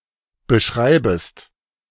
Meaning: second-person singular subjunctive I of beschreiben
- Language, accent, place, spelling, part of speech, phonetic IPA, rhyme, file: German, Germany, Berlin, beschreibest, verb, [bəˈʃʁaɪ̯bəst], -aɪ̯bəst, De-beschreibest.ogg